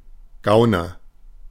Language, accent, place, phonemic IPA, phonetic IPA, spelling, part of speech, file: German, Germany, Berlin, /ˈɡaʊ̯nər/, [ˈɡaʊ̯.nɐ], Gauner, noun, De-Gauner.ogg
- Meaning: 1. petty thief, crook, racketeer 2. sly, cunning person